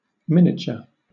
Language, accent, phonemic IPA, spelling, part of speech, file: English, Southern England, /ˈmɪn.ɪ.tʃə/, miniature, noun / adjective / verb, LL-Q1860 (eng)-miniature.wav
- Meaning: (noun) 1. Greatly diminished size or form; reduced scale 2. A small version of something; a model of reduced scale 3. A small, highly detailed painting, a portrait miniature